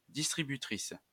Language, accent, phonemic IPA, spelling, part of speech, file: French, France, /dis.tʁi.by.tʁis/, distributrice, noun, LL-Q150 (fra)-distributrice.wav
- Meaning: 1. distributor (company) 2. vending machine